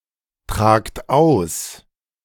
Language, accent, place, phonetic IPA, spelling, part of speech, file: German, Germany, Berlin, [ˌtʁaːkt ˈaʊ̯s], tragt aus, verb, De-tragt aus.ogg
- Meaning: inflection of austragen: 1. second-person plural present 2. plural imperative